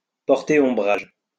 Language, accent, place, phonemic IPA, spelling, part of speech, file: French, France, Lyon, /pɔʁ.te ɔ̃.bʁaʒ/, porter ombrage, verb, LL-Q150 (fra)-porter ombrage.wav
- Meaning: to overshadow, to outshine, to put in the shade, to eclipse